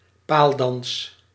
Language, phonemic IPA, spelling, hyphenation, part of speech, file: Dutch, /ˈpaːl.dɑns/, paaldans, paal‧dans, noun, Nl-paaldans.ogg
- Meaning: a pole dance